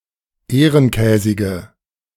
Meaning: inflection of ehrenkäsig: 1. strong/mixed nominative/accusative feminine singular 2. strong nominative/accusative plural 3. weak nominative all-gender singular
- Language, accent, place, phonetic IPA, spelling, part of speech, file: German, Germany, Berlin, [ˈeːʁənˌkɛːzɪɡə], ehrenkäsige, adjective, De-ehrenkäsige.ogg